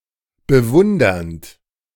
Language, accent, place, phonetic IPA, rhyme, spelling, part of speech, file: German, Germany, Berlin, [bəˈvʊndɐnt], -ʊndɐnt, bewundernd, verb, De-bewundernd.ogg
- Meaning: present participle of bewundern